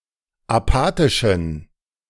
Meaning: inflection of apathisch: 1. strong genitive masculine/neuter singular 2. weak/mixed genitive/dative all-gender singular 3. strong/weak/mixed accusative masculine singular 4. strong dative plural
- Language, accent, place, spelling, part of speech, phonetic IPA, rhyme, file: German, Germany, Berlin, apathischen, adjective, [aˈpaːtɪʃn̩], -aːtɪʃn̩, De-apathischen.ogg